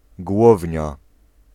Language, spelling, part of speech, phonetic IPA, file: Polish, głownia, noun, [ˈɡwɔvʲɲa], Pl-głownia.ogg